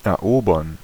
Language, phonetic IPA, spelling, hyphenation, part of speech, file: German, [ʔɛɐ̯ˈʔoːbɐn], erobern, er‧obern, verb, De-erobern.ogg
- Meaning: 1. to conquer, to capture 2. to win